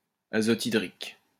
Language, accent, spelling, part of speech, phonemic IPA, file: French, France, azothydrique, adjective, /a.zɔ.ti.dʁik/, LL-Q150 (fra)-azothydrique.wav
- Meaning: hydrazoic